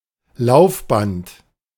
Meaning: 1. treadmill 2. conveyor belt 3. moving walkway
- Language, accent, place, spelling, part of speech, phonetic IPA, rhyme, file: German, Germany, Berlin, Laufband, noun, [ˈlaʊ̯fˌbant], -aʊ̯fbant, De-Laufband.ogg